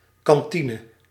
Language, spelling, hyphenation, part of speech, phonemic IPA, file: Dutch, kantine, kan‧ti‧ne, noun, /ˌkɑnˈti.nə/, Nl-kantine.ogg
- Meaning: mess hall